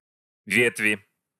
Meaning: 1. inflection of ветвь (vetvʹ) 2. inflection of ветвь (vetvʹ): genitive/dative/prepositional singular 3. inflection of ветвь (vetvʹ): nominative/accusative plural
- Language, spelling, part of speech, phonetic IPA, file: Russian, ветви, noun, [ˈvʲetvʲɪ], Ru-ветви.ogg